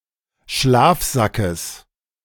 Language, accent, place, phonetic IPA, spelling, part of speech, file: German, Germany, Berlin, [ˈʃlaːfˌzakəs], Schlafsackes, noun, De-Schlafsackes.ogg
- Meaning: genitive singular of Schlafsack